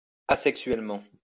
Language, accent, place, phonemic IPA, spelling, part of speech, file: French, France, Lyon, /a.sɛk.sɥɛl.mɑ̃/, asexuellement, adverb, LL-Q150 (fra)-asexuellement.wav
- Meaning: asexually